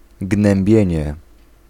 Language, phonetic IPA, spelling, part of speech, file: Polish, [ɡnɛ̃mˈbʲjɛ̇̃ɲɛ], gnębienie, noun, Pl-gnębienie.ogg